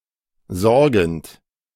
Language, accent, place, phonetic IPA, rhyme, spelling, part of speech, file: German, Germany, Berlin, [ˈzɔʁɡn̩t], -ɔʁɡn̩t, sorgend, verb, De-sorgend.ogg
- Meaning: present participle of sorgen